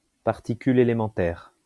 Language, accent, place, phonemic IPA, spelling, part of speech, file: French, France, Lyon, /paʁ.ti.ky.l‿e.le.mɑ̃.tɛʁ/, particule élémentaire, noun, LL-Q150 (fra)-particule élémentaire.wav
- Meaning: elementary particle